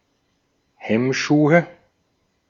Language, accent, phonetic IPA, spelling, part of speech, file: German, Austria, [ˈhɛmˌʃuːə], Hemmschuhe, noun, De-at-Hemmschuhe.ogg
- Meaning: nominative/accusative/genitive plural of Hemmschuh